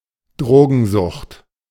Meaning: drug addiction
- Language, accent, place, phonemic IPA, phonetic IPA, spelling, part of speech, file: German, Germany, Berlin, /ˈdʁoːɡənˌzʊxt/, [ˈdʁoːɡn̩ˌzʊxt], Drogensucht, noun, De-Drogensucht.ogg